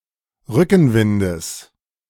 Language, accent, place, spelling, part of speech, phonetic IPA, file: German, Germany, Berlin, Rückenwindes, noun, [ˈʁʏkn̩ˌvɪndəs], De-Rückenwindes.ogg
- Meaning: genitive singular of Rückenwind